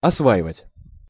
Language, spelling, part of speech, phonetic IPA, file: Russian, осваивать, verb, [ɐsˈvaɪvətʲ], Ru-осваивать.ogg
- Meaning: 1. to master, to cope with (making knowledge or method into one's "own") 2. to settle, to open up, to develop (new territories) 3. to develop; to become familiar with the use (of lands or machines)